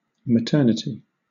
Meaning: 1. The state of being a mother; motherhood 2. The state of being pregnant; pregnancy 3. A ward or department in a hospital in which babies are born
- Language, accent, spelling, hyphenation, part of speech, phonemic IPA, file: English, Southern England, maternity, ma‧tern‧i‧ty, noun, /məˈtɜːnɪti/, LL-Q1860 (eng)-maternity.wav